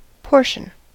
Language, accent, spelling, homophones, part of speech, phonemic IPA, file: English, US, portion, potion, noun / verb, /ˈpoɹʃən/, En-us-portion.ogg
- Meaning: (noun) 1. An allocated amount 2. That which is divided off or separated, as a part from a whole; a separated part of anything 3. One's fate; lot